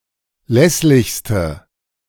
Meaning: inflection of lässlich: 1. strong/mixed nominative/accusative feminine singular superlative degree 2. strong nominative/accusative plural superlative degree
- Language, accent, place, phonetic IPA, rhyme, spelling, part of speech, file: German, Germany, Berlin, [ˈlɛslɪçstə], -ɛslɪçstə, lässlichste, adjective, De-lässlichste.ogg